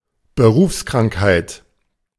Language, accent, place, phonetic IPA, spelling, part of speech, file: German, Germany, Berlin, [bəˈʁuːfskʁaŋkhaɪ̯t], Berufskrankheit, noun, De-Berufskrankheit.ogg
- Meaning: occupational disease